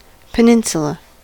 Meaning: A piece of land projecting into water from a larger land mass
- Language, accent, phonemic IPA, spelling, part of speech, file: English, US, /pɪˈnɪn.s(j)ʊ.lə/, peninsula, noun, En-us-peninsula.ogg